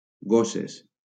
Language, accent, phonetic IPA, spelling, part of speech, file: Catalan, Valencia, [ˈɡo.ses], gosses, noun, LL-Q7026 (cat)-gosses.wav
- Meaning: plural of gossa